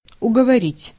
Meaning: to persuade, to talk (into), to urge
- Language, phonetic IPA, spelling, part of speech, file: Russian, [ʊɡəvɐˈrʲitʲ], уговорить, verb, Ru-уговорить.ogg